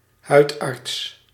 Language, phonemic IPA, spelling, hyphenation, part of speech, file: Dutch, /ˈɦœy̯t.ɑrts/, huidarts, huid‧arts, noun, Nl-huidarts.ogg
- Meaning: a dermatologist, specialist in skin conditions